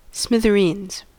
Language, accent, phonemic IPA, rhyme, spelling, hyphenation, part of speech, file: English, General American, /ˌsmɪðəˈɹinz/, -iːnz, smithereens, smi‧ther‧eens, noun, En-us-smithereens.ogg
- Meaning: Fragments or splintered pieces; numerous tiny disconnected items